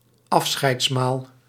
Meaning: farewell meal
- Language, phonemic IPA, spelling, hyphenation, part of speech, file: Dutch, /ˈɑf.sxɛi̯tsˌmaːl/, afscheidsmaal, af‧scheids‧maal, noun, Nl-afscheidsmaal.ogg